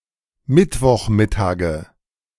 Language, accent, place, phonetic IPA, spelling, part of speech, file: German, Germany, Berlin, [ˈmɪtvɔxˌmɪtaːɡə], Mittwochmittage, noun, De-Mittwochmittage.ogg
- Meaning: nominative/accusative/genitive plural of Mittwochmittag